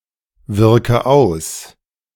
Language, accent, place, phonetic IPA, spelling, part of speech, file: German, Germany, Berlin, [ˌvɪʁkə ˈaʊ̯s], wirke aus, verb, De-wirke aus.ogg
- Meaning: inflection of auswirken: 1. first-person singular present 2. first/third-person singular subjunctive I 3. singular imperative